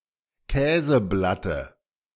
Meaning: dative of Käseblatt
- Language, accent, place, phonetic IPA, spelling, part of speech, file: German, Germany, Berlin, [ˈkɛːzəˌblatə], Käseblatte, noun, De-Käseblatte.ogg